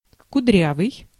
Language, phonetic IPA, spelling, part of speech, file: Russian, [kʊˈdrʲavɨj], кудрявый, adjective, Ru-кудрявый.ogg
- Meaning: 1. having curls 2. curly (of smoke, water, hair) 3. budding, lush (of vegetation) 4. exquisitely or overly decorated, artsy